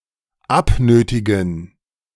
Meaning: 1. to extort 2. to impose, command (respect, etc.)
- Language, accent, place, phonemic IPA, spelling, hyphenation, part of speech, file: German, Germany, Berlin, /ˈapˌnøːtɪɡn̩/, abnötigen, ab‧nö‧ti‧gen, verb, De-abnötigen.ogg